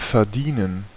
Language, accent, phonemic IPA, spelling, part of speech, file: German, Germany, /fɛɐ̯ˈdiːnən/, verdienen, verb, De-verdienen.ogg
- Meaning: 1. to make money, to earn 2. to deserve